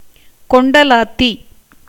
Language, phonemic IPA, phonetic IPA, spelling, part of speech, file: Tamil, /koɳɖɐlɑːt̪ːiː/, [ko̞ɳɖɐläːt̪ːiː], கொண்டலாத்தி, noun, Ta-கொண்டலாத்தி.ogg
- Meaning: hoopoe, Upupa epops